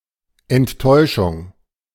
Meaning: 1. disappointment, let-down, bummer, frustration 2. disenchantment, disillusionment, disillusion 3. anticlimax
- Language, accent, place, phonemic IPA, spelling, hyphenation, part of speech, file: German, Germany, Berlin, /ɛntˈtɔɪ̯ʃʊŋ/, Enttäuschung, Ent‧täu‧schung, noun, De-Enttäuschung.ogg